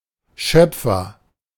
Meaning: 1. creator 2. Creator, Maker 3. ladle (deep-bowled spoon with a long, usually curved, handle)
- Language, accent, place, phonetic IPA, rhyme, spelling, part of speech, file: German, Germany, Berlin, [ˈʃœp͡fɐ], -œp͡fɐ, Schöpfer, noun, De-Schöpfer.ogg